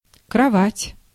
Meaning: bed
- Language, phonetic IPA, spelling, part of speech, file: Russian, [krɐˈvatʲ], кровать, noun, Ru-кровать.ogg